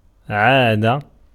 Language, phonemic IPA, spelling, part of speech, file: Arabic, /ʕaː.da/, عادة, noun, Ar-عادة.ogg
- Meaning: 1. custom, habit, manner, wont 2. law 3. customary gift or present 4. menses, menstruation